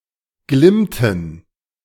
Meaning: inflection of glimmen: 1. first/third-person plural preterite 2. first/third-person plural subjunctive II
- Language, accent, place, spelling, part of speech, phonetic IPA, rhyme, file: German, Germany, Berlin, glimmten, verb, [ˈɡlɪmtn̩], -ɪmtn̩, De-glimmten.ogg